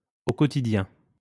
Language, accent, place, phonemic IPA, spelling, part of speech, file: French, France, Lyon, /o kɔ.ti.djɛ̃/, au quotidien, adverb, LL-Q150 (fra)-au quotidien.wav
- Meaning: on a daily basis, daily, every day